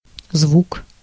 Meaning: sound
- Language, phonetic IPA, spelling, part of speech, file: Russian, [zvuk], звук, noun, Ru-звук.ogg